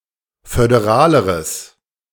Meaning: strong/mixed nominative/accusative neuter singular comparative degree of föderal
- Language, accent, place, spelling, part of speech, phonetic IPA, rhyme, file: German, Germany, Berlin, föderaleres, adjective, [fødeˈʁaːləʁəs], -aːləʁəs, De-föderaleres.ogg